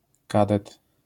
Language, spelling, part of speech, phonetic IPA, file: Polish, kadet, noun, [ˈkadɛt], LL-Q809 (pol)-kadet.wav